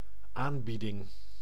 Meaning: 1. offer 2. special, discount offer
- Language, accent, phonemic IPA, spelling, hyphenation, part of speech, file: Dutch, Netherlands, /ˈaːn.bi.dɪŋ/, aanbieding, aan‧bie‧ding, noun, Nl-aanbieding.ogg